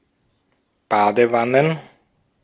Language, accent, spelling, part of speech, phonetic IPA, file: German, Austria, Badewannen, noun, [ˈbaːdəˌvanən], De-at-Badewannen.ogg
- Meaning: plural of Badewanne